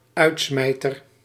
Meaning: 1. bouncer 2. dish consisting of fried eggs, which have been fried together with ham and cheese 3. finale, end, conclusion (of a work or performance)
- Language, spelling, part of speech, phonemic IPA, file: Dutch, uitsmijter, noun, /ˈœytsmɛitər/, Nl-uitsmijter.ogg